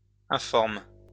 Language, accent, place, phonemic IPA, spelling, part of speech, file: French, France, Lyon, /ɛ̃.fɔʁm/, informes, verb, LL-Q150 (fra)-informes.wav
- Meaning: second-person singular present indicative/subjunctive of informer